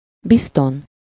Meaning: surely, certainly
- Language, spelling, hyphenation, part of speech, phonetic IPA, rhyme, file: Hungarian, bizton, biz‧ton, adverb, [ˈbiston], -on, Hu-bizton.ogg